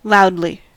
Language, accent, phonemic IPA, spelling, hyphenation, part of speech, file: English, US, /ˈlaʊdli/, loudly, loud‧ly, adverb, En-us-loudly.ogg
- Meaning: 1. In a loud manner; at a high volume 2. In a loud manner; gaudily, showily